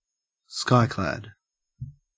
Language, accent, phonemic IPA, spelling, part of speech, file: English, Australia, /ˈskaɪ.klæd/, skyclad, adjective, En-au-skyclad.ogg
- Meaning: 1. Belonging to the Digambara school of Jainism 2. Nude, naked, especially when outdoors